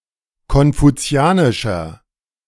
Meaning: 1. comparative degree of konfuzianisch 2. inflection of konfuzianisch: strong/mixed nominative masculine singular 3. inflection of konfuzianisch: strong genitive/dative feminine singular
- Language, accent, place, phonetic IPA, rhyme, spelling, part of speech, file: German, Germany, Berlin, [kɔnfuˈt͡si̯aːnɪʃɐ], -aːnɪʃɐ, konfuzianischer, adjective, De-konfuzianischer.ogg